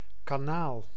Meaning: 1. canal (artificial waterway) 2. television or internet channel 3. channel (narrow natural body of water) 4. duct, pipe 5. duct-shaped tissue 6. frequency band
- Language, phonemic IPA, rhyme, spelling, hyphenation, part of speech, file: Dutch, /kaːˈnaːl/, -aːl, kanaal, ka‧naal, noun, Nl-kanaal.ogg